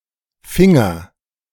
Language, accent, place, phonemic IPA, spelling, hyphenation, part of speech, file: German, Germany, Berlin, /ˈfɪŋɐ/, Finger, Fin‧ger, noun, De-Finger2.ogg
- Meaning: finger